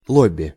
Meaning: lobby (group of people who try to lobby)
- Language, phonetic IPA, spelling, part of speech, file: Russian, [ˈɫobʲ(ː)ɪ], лобби, noun, Ru-лобби.ogg